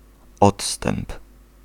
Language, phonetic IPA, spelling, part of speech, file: Polish, [ˈɔtstɛ̃mp], odstęp, noun, Pl-odstęp.ogg